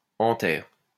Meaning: anther
- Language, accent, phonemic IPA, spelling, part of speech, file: French, France, /ɑ̃.tɛʁ/, anthère, noun, LL-Q150 (fra)-anthère.wav